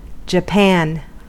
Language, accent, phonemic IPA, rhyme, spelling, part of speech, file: English, US, /d͡ʒəˈpæn/, -æn, japan, noun / verb, En-us-japan.ogg
- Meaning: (noun) 1. A hard black enamel varnish containing asphalt 2. Lacquerware; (verb) 1. To varnish (something) with japan 2. To ordain (someone)